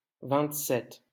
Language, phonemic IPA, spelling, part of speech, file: French, /vɛ̃t.sɛt/, vingt-sept, numeral, LL-Q150 (fra)-vingt-sept.wav
- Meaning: twenty-seven